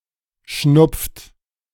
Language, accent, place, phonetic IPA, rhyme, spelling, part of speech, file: German, Germany, Berlin, [ʃnʊp͡ft], -ʊp͡ft, schnupft, verb, De-schnupft.ogg
- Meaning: inflection of schnupfen: 1. second-person plural present 2. third-person singular present 3. plural imperative